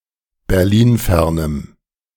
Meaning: strong dative masculine/neuter singular of berlinfern
- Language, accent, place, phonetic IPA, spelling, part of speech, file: German, Germany, Berlin, [bɛʁˈliːnˌfɛʁnəm], berlinfernem, adjective, De-berlinfernem.ogg